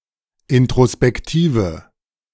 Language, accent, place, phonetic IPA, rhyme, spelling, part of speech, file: German, Germany, Berlin, [ɪntʁospɛkˈtiːvə], -iːvə, introspektive, adjective, De-introspektive.ogg
- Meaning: inflection of introspektiv: 1. strong/mixed nominative/accusative feminine singular 2. strong nominative/accusative plural 3. weak nominative all-gender singular